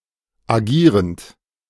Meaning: present participle of agieren
- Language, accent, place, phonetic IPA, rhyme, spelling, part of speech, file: German, Germany, Berlin, [aˈɡiːʁənt], -iːʁənt, agierend, verb, De-agierend.ogg